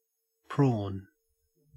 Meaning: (noun) 1. A crustacean of the suborder Dendrobranchiata 2. A crustacean, sometimes confused with shrimp 3. Synonym of butterface: A woman with an attractive body but an unattractive face
- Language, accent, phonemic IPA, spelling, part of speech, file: English, Australia, /pɹoːn/, prawn, noun / verb, En-au-prawn.ogg